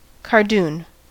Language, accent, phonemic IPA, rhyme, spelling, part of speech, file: English, US, /kɑː(ɹ)ˈduːn/, -uːn, cardoon, noun, En-us-cardoon.ogg
- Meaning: Any member of the species Cynara cardunculus of prickly perennial plants which has leaf stalks eaten as a vegetable, related to the artichoke